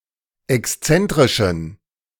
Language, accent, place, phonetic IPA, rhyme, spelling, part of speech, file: German, Germany, Berlin, [ɛksˈt͡sɛntʁɪʃn̩], -ɛntʁɪʃn̩, exzentrischen, adjective, De-exzentrischen.ogg
- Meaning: inflection of exzentrisch: 1. strong genitive masculine/neuter singular 2. weak/mixed genitive/dative all-gender singular 3. strong/weak/mixed accusative masculine singular 4. strong dative plural